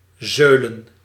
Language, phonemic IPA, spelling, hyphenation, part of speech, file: Dutch, /ˈzøːlə(n)/, zeulen, zeu‧len, verb, Nl-zeulen.ogg
- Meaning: to drag